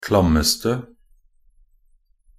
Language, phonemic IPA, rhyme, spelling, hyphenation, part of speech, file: Norwegian Bokmål, /klamːəstə/, -əstə, klammeste, klam‧mes‧te, adjective, Nb-klammeste.ogg
- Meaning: attributive superlative degree of klam